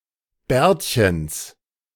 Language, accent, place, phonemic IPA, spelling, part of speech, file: German, Germany, Berlin, /ˈbɛːɐ̯tçəns/, Bärtchens, noun, De-Bärtchens.ogg
- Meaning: genitive of Bärtchen